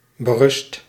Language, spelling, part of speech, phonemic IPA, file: Dutch, berust, verb, /bəˈrʏst/, Nl-berust.ogg
- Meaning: 1. inflection of berusten: first/second/third-person singular present indicative 2. inflection of berusten: imperative 3. past participle of berusten